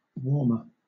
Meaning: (adjective) comparative form of warm: more warm; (noun) Something that warms (something else) by providing some small amount of heat, such as a hot water bottle or a soup
- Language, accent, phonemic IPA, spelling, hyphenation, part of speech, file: English, Southern England, /ˈwɔːmə/, warmer, warm‧er, adjective / noun, LL-Q1860 (eng)-warmer.wav